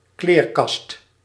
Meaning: 1. wardrobe 2. a well-built and strong man
- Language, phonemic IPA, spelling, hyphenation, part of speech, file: Dutch, /ˈkleːr.kɑst/, kleerkast, kleer‧kast, noun, Nl-kleerkast.ogg